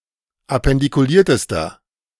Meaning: inflection of appendikuliert: 1. strong/mixed nominative masculine singular superlative degree 2. strong genitive/dative feminine singular superlative degree
- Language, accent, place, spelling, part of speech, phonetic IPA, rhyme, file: German, Germany, Berlin, appendikuliertester, adjective, [apɛndikuˈliːɐ̯təstɐ], -iːɐ̯təstɐ, De-appendikuliertester.ogg